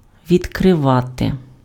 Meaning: 1. to open 2. to turn on (:tap, valve) 3. to reveal, to disclose, to uncover 4. to discover
- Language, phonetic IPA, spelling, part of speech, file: Ukrainian, [ʋʲidkreˈʋate], відкривати, verb, Uk-відкривати.ogg